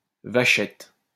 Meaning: 1. young cow, calf 2. calfskin 3. type of dice game
- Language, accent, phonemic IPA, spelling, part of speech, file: French, France, /va.ʃɛt/, vachette, noun, LL-Q150 (fra)-vachette.wav